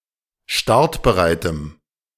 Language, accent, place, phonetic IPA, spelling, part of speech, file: German, Germany, Berlin, [ˈʃtaʁtbəˌʁaɪ̯təm], startbereitem, adjective, De-startbereitem.ogg
- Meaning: strong dative masculine/neuter singular of startbereit